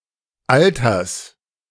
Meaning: genitive singular of Alter
- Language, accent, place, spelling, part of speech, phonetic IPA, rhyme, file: German, Germany, Berlin, Alters, noun, [ˈaltɐs], -altɐs, De-Alters.ogg